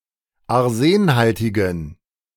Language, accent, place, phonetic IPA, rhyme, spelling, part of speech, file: German, Germany, Berlin, [aʁˈzeːnˌhaltɪɡn̩], -eːnhaltɪɡn̩, arsenhaltigen, adjective, De-arsenhaltigen.ogg
- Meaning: inflection of arsenhaltig: 1. strong genitive masculine/neuter singular 2. weak/mixed genitive/dative all-gender singular 3. strong/weak/mixed accusative masculine singular 4. strong dative plural